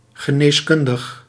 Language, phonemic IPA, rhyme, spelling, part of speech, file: Dutch, /ɣəˌneːsˈkʏn.dəx/, -ʏndəx, geneeskundig, adjective, Nl-geneeskundig.ogg
- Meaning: medical, of medicine (as a discipline)